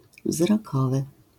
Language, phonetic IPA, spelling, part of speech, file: Polish, [vzrɔˈkɔvɨ], wzrokowy, adjective, LL-Q809 (pol)-wzrokowy.wav